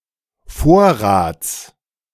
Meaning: genitive singular of Vorrat
- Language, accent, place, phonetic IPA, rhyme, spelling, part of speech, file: German, Germany, Berlin, [ˈfoːɐ̯ʁaːt͡s], -oːɐ̯ʁaːt͡s, Vorrats, noun, De-Vorrats.ogg